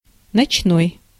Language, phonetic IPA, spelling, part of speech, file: Russian, [nɐt͡ɕˈnoj], ночной, adjective, Ru-ночной.ogg
- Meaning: 1. night, nighttime 2. nocturnal